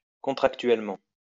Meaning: contractually
- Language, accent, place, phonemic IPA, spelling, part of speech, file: French, France, Lyon, /kɔ̃.tʁak.tɥɛl.mɑ̃/, contractuellement, adverb, LL-Q150 (fra)-contractuellement.wav